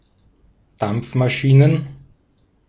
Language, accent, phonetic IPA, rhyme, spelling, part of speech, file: German, Austria, [ˈdamp͡fmaˌʃiːnən], -amp͡fmaʃiːnən, Dampfmaschinen, noun, De-at-Dampfmaschinen.ogg
- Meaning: plural of Dampfmaschine